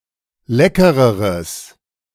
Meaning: strong/mixed nominative/accusative neuter singular comparative degree of lecker
- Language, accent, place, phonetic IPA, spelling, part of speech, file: German, Germany, Berlin, [ˈlɛkəʁəʁəs], leckereres, adjective, De-leckereres.ogg